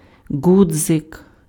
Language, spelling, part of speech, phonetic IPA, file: Ukrainian, ґудзик, noun, [ˈɡud͡zek], Uk-ґудзик.ogg
- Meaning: button (knob or small disc serving as a fastener)